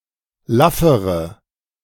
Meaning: inflection of laff: 1. strong/mixed nominative/accusative feminine singular comparative degree 2. strong nominative/accusative plural comparative degree
- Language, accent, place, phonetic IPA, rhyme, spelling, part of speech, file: German, Germany, Berlin, [ˈlafəʁə], -afəʁə, laffere, adjective, De-laffere.ogg